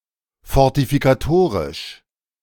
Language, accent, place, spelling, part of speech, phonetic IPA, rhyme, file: German, Germany, Berlin, fortifikatorisch, adjective, [fɔʁtifikaˈtoːʁɪʃ], -oːʁɪʃ, De-fortifikatorisch.ogg
- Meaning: fortification